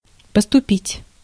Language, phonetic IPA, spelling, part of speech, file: Russian, [pəstʊˈpʲitʲ], поступить, verb, Ru-поступить.ogg
- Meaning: 1. to act, to behave, to do things (in a certain way) 2. to treat (with), to deal (with), to handle 3. to enter, to join, to matriculate 4. to arrive, to come in, to be received, to be forthcoming